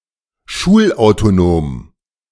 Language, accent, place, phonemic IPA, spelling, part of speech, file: German, Germany, Berlin, /ˈʃuːlʔaʊ̯toˌnoːm/, schulautonom, adjective, De-schulautonom.ogg
- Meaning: autonomous (of a school)